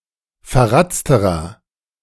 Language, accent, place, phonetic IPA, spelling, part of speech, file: German, Germany, Berlin, [fɛɐ̯ˈʁat͡stəʁɐ], verratzterer, adjective, De-verratzterer.ogg
- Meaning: inflection of verratzt: 1. strong/mixed nominative masculine singular comparative degree 2. strong genitive/dative feminine singular comparative degree 3. strong genitive plural comparative degree